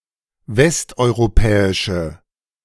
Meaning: inflection of westeuropäisch: 1. strong/mixed nominative/accusative feminine singular 2. strong nominative/accusative plural 3. weak nominative all-gender singular
- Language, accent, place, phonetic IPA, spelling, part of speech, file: German, Germany, Berlin, [ˈvɛstʔɔɪ̯ʁoˌpɛːɪʃə], westeuropäische, adjective, De-westeuropäische.ogg